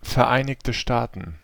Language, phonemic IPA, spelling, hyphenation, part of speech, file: German, /fɛʁˌʔaɪ̯nɪçtə ˈʃtaːtn̩/, Vereinigte Staaten, Ver‧ei‧nig‧te Staa‧ten, proper noun, De-VereinigteStaaten.ogg
- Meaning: United States (a country in North America)